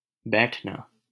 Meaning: 1. to sit 2. to relax, do nothing 3. to do something carelessly
- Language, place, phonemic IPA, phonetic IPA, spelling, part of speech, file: Hindi, Delhi, /bɛːʈʰ.nɑː/, [bɛːʈʰ.näː], बैठना, verb, LL-Q1568 (hin)-बैठना.wav